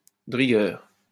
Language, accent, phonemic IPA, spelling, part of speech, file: French, France, /də ʁi.ɡœʁ/, de rigueur, adjective, LL-Q150 (fra)-de rigueur.wav
- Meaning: absolutely necessary